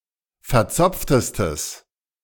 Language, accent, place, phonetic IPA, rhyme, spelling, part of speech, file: German, Germany, Berlin, [fɛɐ̯ˈt͡sɔp͡ftəstəs], -ɔp͡ftəstəs, verzopftestes, adjective, De-verzopftestes.ogg
- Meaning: strong/mixed nominative/accusative neuter singular superlative degree of verzopft